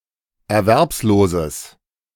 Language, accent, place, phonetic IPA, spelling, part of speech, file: German, Germany, Berlin, [ɛɐ̯ˈvɛʁpsˌloːzəs], erwerbsloses, adjective, De-erwerbsloses.ogg
- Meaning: strong/mixed nominative/accusative neuter singular of erwerbslos